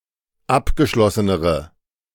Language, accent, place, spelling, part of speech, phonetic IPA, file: German, Germany, Berlin, abgeschlossenere, adjective, [ˈapɡəˌʃlɔsənəʁə], De-abgeschlossenere.ogg
- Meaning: inflection of abgeschlossen: 1. strong/mixed nominative/accusative feminine singular comparative degree 2. strong nominative/accusative plural comparative degree